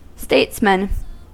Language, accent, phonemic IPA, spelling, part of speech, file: English, US, /ˈsteɪtsmən/, statesman, noun, En-us-statesman.ogg
- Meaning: A man who is a leader in national or international affairs